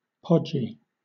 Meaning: 1. Slightly fat 2. Stodgy
- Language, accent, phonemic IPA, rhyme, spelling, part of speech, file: English, Southern England, /ˈpɒd͡ʒi/, -ɒdʒi, podgy, adjective, LL-Q1860 (eng)-podgy.wav